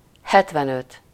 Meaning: seventy-five
- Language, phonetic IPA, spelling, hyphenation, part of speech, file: Hungarian, [ˈhɛtvɛnøt], hetvenöt, het‧ven‧öt, numeral, Hu-hetvenöt.ogg